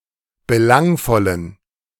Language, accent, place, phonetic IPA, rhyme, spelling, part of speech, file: German, Germany, Berlin, [bəˈlaŋfɔlən], -aŋfɔlən, belangvollen, adjective, De-belangvollen.ogg
- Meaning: inflection of belangvoll: 1. strong genitive masculine/neuter singular 2. weak/mixed genitive/dative all-gender singular 3. strong/weak/mixed accusative masculine singular 4. strong dative plural